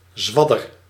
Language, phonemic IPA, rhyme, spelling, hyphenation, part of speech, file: Dutch, /ˈzʋɑ.dər/, -ɑdər, zwadder, zwad‧der, noun, Nl-zwadder.ogg
- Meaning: 1. snake venom 2. eel slime 3. malicious slander, smear